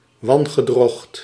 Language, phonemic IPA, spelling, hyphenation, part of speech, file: Dutch, /ˈʋɑn.ɣəˌdrɔxt/, wangedrocht, wan‧ge‧drocht, noun, Nl-wangedrocht.ogg
- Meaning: monstrosity, monster, something or someone very ugly